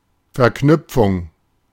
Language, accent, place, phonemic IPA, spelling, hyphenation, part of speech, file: German, Germany, Berlin, /fɛʁˈknʏpfʊŋ/, Verknüpfung, Ver‧knüp‧fung, noun, De-Verknüpfung.ogg
- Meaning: 1. link (element of a chain) 2. link, shortcut 3. connection 4. operation